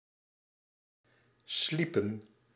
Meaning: inflection of slapen: 1. plural past indicative 2. plural past subjunctive
- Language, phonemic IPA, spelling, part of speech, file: Dutch, /ˈslipə(n)/, sliepen, verb, Nl-sliepen.ogg